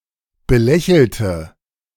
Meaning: inflection of belächeln: 1. first/third-person singular preterite 2. first/third-person singular subjunctive II
- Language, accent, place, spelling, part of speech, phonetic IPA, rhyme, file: German, Germany, Berlin, belächelte, adjective / verb, [bəˈlɛçl̩tə], -ɛçl̩tə, De-belächelte.ogg